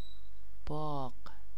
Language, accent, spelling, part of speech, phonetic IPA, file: Persian, Iran, باغ, noun, [bɒːɢ̥], Fa-باغ.ogg
- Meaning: garden, orchard, bagh